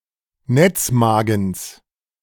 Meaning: genitive singular of Netzmagen
- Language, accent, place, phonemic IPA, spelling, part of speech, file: German, Germany, Berlin, /ˈnɛt͡sˌmaːɡn̩s/, Netzmagens, noun, De-Netzmagens.ogg